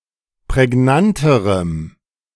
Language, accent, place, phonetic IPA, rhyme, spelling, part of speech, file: German, Germany, Berlin, [pʁɛˈɡnantəʁəm], -antəʁəm, prägnanterem, adjective, De-prägnanterem.ogg
- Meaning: strong dative masculine/neuter singular comparative degree of prägnant